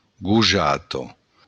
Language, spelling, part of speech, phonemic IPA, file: Occitan, gojata, noun, /ɡuˈ(d)ʒato/, LL-Q35735-gojata.wav
- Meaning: 1. girl 2. daughter